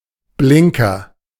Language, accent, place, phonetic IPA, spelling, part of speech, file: German, Germany, Berlin, [ˈblɪŋkɐ], Blinker, noun, De-Blinker.ogg
- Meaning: 1. indicator (UK, Australia, New Zealand), turn signal (US), blinker (informal, US), direction indicator 2. spoon lure